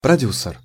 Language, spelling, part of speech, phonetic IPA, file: Russian, продюсер, noun, [prɐˈdʲusɨr], Ru-продюсер.ogg
- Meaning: producer (male or female)